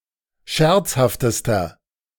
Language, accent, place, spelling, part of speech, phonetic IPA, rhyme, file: German, Germany, Berlin, scherzhaftester, adjective, [ˈʃɛʁt͡shaftəstɐ], -ɛʁt͡shaftəstɐ, De-scherzhaftester.ogg
- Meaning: inflection of scherzhaft: 1. strong/mixed nominative masculine singular superlative degree 2. strong genitive/dative feminine singular superlative degree 3. strong genitive plural superlative degree